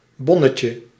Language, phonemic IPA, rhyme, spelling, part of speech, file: Dutch, /ˈbɔ.nə.tjə/, -ɔnətjə, bonnetje, noun, Nl-bonnetje.ogg
- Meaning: diminutive of bon